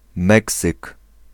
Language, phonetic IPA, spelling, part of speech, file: Polish, [ˈmɛksɨk], Meksyk, proper noun, Pl-Meksyk.ogg